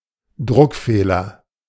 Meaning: misprint
- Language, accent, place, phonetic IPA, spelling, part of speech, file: German, Germany, Berlin, [ˈdʁʊkˌfeːlɐ], Druckfehler, noun, De-Druckfehler.ogg